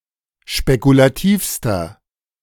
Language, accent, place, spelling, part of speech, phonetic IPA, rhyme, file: German, Germany, Berlin, spekulativster, adjective, [ʃpekulaˈtiːfstɐ], -iːfstɐ, De-spekulativster.ogg
- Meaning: inflection of spekulativ: 1. strong/mixed nominative masculine singular superlative degree 2. strong genitive/dative feminine singular superlative degree 3. strong genitive plural superlative degree